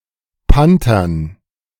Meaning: dative plural of Panther
- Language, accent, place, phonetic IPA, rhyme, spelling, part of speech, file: German, Germany, Berlin, [ˈpantɐn], -antɐn, Panthern, noun, De-Panthern.ogg